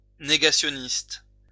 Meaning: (adjective) denialist, denier, negationist
- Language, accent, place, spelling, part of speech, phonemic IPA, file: French, France, Lyon, négationniste, adjective / noun, /ne.ɡa.sjɔ.nist/, LL-Q150 (fra)-négationniste.wav